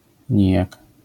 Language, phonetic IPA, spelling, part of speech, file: Polish, [ˈɲijak], nijak, adverb, LL-Q809 (pol)-nijak.wav